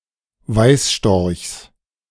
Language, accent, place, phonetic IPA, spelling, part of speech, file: German, Germany, Berlin, [ˈvaɪ̯sˌʃtɔʁçs], Weißstorchs, noun, De-Weißstorchs.ogg
- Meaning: genitive singular of Weißstorch